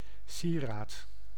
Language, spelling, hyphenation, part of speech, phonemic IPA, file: Dutch, sieraad, sie‧raad, noun, /ˈsi.raːt/, Nl-sieraad.ogg
- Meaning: ornament, piece of jewellery